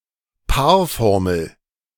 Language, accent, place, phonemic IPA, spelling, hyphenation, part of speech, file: German, Germany, Berlin, /ˈpaːɐ̯ˌfɔʁməl/, Paarformel, Paar‧for‧mel, noun, De-Paarformel.ogg
- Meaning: irreversible binomial